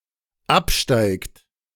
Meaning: inflection of absteigen: 1. third-person singular dependent present 2. second-person plural dependent present
- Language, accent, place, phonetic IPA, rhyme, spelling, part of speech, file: German, Germany, Berlin, [ˈapˌʃtaɪ̯kt], -apʃtaɪ̯kt, absteigt, verb, De-absteigt.ogg